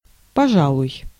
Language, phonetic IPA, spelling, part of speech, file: Russian, [pɐˈʐaɫʊj], пожалуй, adverb / verb, Ru-пожалуй.ogg
- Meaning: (adverb) 1. maybe, perhaps 2. I suppose (hesitant agreement or acceptance after some thought); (verb) second-person singular imperative perfective of пожа́ловать (požálovatʹ)